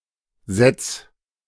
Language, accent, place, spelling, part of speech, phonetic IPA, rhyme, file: German, Germany, Berlin, setz, verb, [zɛt͡s], -ɛt͡s, De-setz.ogg
- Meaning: singular imperative of setzen